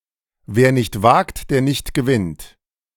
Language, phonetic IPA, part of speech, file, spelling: German, [ˌveːɐ̯ nɪçt ˈvaːkt deːɐ̯ ˌnɪçt ɡəˈvɪnt], proverb, De-wer nicht wagt der nicht gewinnt.ogg, wer nicht wagt, der nicht gewinnt
- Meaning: nothing ventured, nothing gained